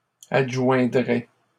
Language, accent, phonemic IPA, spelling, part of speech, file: French, Canada, /ad.ʒwɛ̃.dʁɛ/, adjoindrait, verb, LL-Q150 (fra)-adjoindrait.wav
- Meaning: third-person singular conditional of adjoindre